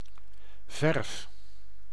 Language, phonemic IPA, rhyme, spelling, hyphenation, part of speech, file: Dutch, /vɛrf/, -ɛrf, verf, verf, noun / verb, Nl-verf.ogg
- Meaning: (noun) paint; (verb) inflection of verven: 1. first-person singular present indicative 2. second-person singular present indicative 3. imperative